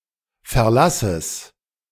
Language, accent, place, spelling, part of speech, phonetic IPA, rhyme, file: German, Germany, Berlin, Verlasses, noun, [fɛɐ̯ˈlasəs], -asəs, De-Verlasses.ogg
- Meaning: genitive singular of Verlass